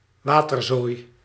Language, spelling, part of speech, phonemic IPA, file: Dutch, waterzooi, noun, /ˈʋaːtərˌzoːi̯/, Nl-waterzooi.ogg
- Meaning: waterzooi, a type of Flemish stew